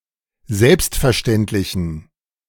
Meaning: inflection of selbstverständlich: 1. strong genitive masculine/neuter singular 2. weak/mixed genitive/dative all-gender singular 3. strong/weak/mixed accusative masculine singular
- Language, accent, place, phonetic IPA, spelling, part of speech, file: German, Germany, Berlin, [ˈzɛlpstfɛɐ̯ˌʃtɛntlɪçn̩], selbstverständlichen, adjective, De-selbstverständlichen.ogg